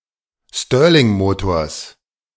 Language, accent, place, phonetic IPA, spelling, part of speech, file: German, Germany, Berlin, [ˈstøːɐ̯lɪŋˌmoːtoːɐ̯s], Stirlingmotors, noun, De-Stirlingmotors.ogg
- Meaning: genitive singular of Stirlingmotor